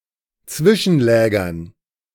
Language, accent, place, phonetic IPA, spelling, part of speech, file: German, Germany, Berlin, [ˈt͡svɪʃn̩ˌlɛːɡɐn], Zwischenlägern, noun, De-Zwischenlägern.ogg
- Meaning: dative plural of Zwischenlager